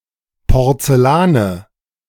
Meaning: nominative/accusative/genitive plural of Porzellan
- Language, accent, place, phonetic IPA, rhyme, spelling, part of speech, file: German, Germany, Berlin, [pɔʁt͡sɛˈlaːnə], -aːnə, Porzellane, noun, De-Porzellane.ogg